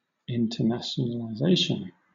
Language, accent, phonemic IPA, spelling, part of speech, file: English, Southern England, /ɪntəˌnæʃ(ə)n(ə)ləˈzeɪʃən/, i18n, noun, LL-Q1860 (eng)-i18n.wav
- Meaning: Abbreviation of internationalization